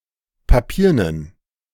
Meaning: inflection of papieren: 1. strong genitive masculine/neuter singular 2. weak/mixed genitive/dative all-gender singular 3. strong/weak/mixed accusative masculine singular 4. strong dative plural
- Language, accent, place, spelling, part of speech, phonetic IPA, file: German, Germany, Berlin, papiernen, adjective, [paˈpiːɐ̯nən], De-papiernen.ogg